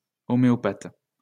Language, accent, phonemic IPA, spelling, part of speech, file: French, France, /ɔ.me.ɔ.pat/, homéopathe, noun / adjective, LL-Q150 (fra)-homéopathe.wav
- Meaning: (noun) homeopath; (adjective) homeopathic